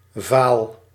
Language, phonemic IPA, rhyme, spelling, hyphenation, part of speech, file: Dutch, /vaːl/, -aːl, vaal, vaal, adjective, Nl-vaal.ogg
- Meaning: 1. sallow, pallid 2. pale, light